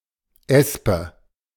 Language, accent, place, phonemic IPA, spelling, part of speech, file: German, Germany, Berlin, /ˈɛspə/, Espe, noun, De-Espe.ogg
- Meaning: aspen (a tree)